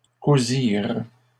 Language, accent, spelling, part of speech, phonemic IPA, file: French, Canada, cousirent, verb, /ku.ziʁ/, LL-Q150 (fra)-cousirent.wav
- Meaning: third-person plural past historic of coudre